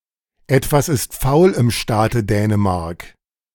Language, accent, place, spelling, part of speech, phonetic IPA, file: German, Germany, Berlin, etwas ist faul im Staate Dänemark, phrase, [ˈɛtvas ɪst faʊ̯l ɪm ˈʃtaːtə ˈdɛːnəˌmaʁk], De-etwas ist faul im Staate Dänemark.ogg
- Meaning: something is rotten in the state of Denmark